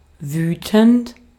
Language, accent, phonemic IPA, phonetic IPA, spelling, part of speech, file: German, Austria, /ˈvyːtənt/, [ˈvyːtn̩t], wütend, verb / adjective / adverb, De-at-wütend.ogg
- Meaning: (verb) present participle of wüten; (adjective) furious, angry; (adverb) angrily, furiously